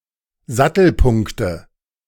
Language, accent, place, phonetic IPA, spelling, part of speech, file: German, Germany, Berlin, [ˈzatl̩ˌpʊŋktə], Sattelpunkte, noun, De-Sattelpunkte.ogg
- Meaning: nominative/accusative/genitive plural of Sattelpunkt